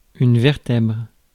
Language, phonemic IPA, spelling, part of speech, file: French, /vɛʁ.tɛbʁ/, vertèbre, noun, Fr-vertèbre.ogg
- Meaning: vertebra